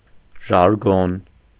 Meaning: 1. jargon 2. slang
- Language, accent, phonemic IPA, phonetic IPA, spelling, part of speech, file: Armenian, Eastern Armenian, /ʒɑɾˈɡon/, [ʒɑɾɡón], ժարգոն, noun, Hy-ժարգոն.ogg